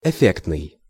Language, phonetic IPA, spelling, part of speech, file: Russian, [ɪˈfʲektnɨj], эффектный, adjective, Ru-эффектный.ogg
- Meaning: 1. impressive, showy, spectacular 2. striking, impactful